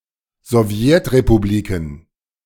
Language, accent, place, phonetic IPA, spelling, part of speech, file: German, Germany, Berlin, [zɔˈvjɛtʁepuˌbliːkn̩], Sowjetrepubliken, noun, De-Sowjetrepubliken.ogg
- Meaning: plural of Sowjetrepublik